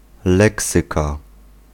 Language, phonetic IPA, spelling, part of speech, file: Polish, [ˈlɛksɨka], leksyka, noun, Pl-leksyka.ogg